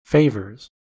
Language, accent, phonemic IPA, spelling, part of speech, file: English, US, /ˈfeɪ.vɚz/, favours, noun / verb, En-us-favours.ogg
- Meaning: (noun) plural of favour; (verb) third-person singular simple present indicative of favour